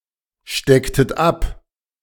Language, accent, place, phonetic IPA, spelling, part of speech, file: German, Germany, Berlin, [ˌʃtɛktət ˈap], stecktet ab, verb, De-stecktet ab.ogg
- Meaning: inflection of abstecken: 1. second-person plural preterite 2. second-person plural subjunctive II